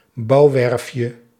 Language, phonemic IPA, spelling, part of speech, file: Dutch, /ˈbɑuwɛrᵊfjə/, bouwwerfje, noun, Nl-bouwwerfje.ogg
- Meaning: diminutive of bouwwerf